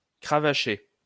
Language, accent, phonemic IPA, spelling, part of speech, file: French, France, /kʁa.va.ʃe/, cravacher, verb, LL-Q150 (fra)-cravacher.wav
- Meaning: 1. to quirt, whip (hit with a quirt or whip) 2. to pull one's socks up, knuckle down (work hard)